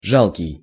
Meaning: 1. pitiable 2. miserable, pitiful, wretched 3. pathetic
- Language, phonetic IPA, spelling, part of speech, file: Russian, [ˈʐaɫkʲɪj], жалкий, adjective, Ru-жалкий.ogg